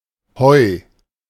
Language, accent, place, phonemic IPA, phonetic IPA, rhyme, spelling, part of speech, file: German, Germany, Berlin, /hɔɪ̯/, [hɔɛ̯], -ɔɪ̯, Heu, noun, De-Heu.ogg
- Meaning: 1. hay 2. plentiful money 3. marijuana